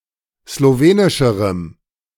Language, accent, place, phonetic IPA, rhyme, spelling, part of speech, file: German, Germany, Berlin, [sloˈveːnɪʃəʁəm], -eːnɪʃəʁəm, slowenischerem, adjective, De-slowenischerem.ogg
- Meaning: strong dative masculine/neuter singular comparative degree of slowenisch